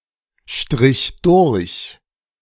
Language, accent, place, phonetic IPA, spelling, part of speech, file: German, Germany, Berlin, [ˌʃtʁɪç ˈdʊʁç], strich durch, verb, De-strich durch.ogg
- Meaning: first/third-person singular preterite of durchstreichen